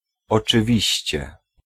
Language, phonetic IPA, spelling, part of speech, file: Polish, [ˌɔt͡ʃɨˈvʲiɕt͡ɕɛ], oczywiście, particle / interjection, Pl-oczywiście.ogg